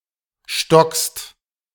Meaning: second-person singular present of stocken
- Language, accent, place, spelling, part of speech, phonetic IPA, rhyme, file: German, Germany, Berlin, stockst, verb, [ʃtɔkst], -ɔkst, De-stockst.ogg